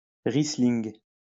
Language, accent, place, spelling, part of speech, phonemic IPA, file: French, France, Lyon, riesling, noun, /ʁi.sliŋ/, LL-Q150 (fra)-riesling.wav
- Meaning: Riesling, riesling